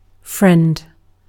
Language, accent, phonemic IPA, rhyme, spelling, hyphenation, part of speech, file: English, Received Pronunciation, /fɹɛnd/, -ɛnd, friend, friend, noun / verb, En-uk-friend.ogg
- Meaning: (noun) 1. A person, typically someone other than a family member, spouse or lover, whose company one enjoys and towards whom one feels affection 2. An associate who provides assistance; patron, mentor